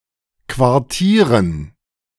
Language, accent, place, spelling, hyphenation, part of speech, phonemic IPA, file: German, Germany, Berlin, quartieren, quar‧tie‧ren, verb, /kvaʁˈtiːʁən/, De-quartieren.ogg
- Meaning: to quarter